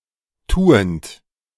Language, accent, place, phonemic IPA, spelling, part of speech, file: German, Germany, Berlin, /ˈtuːənt/, tuend, verb, De-tuend.ogg
- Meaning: present participle of tun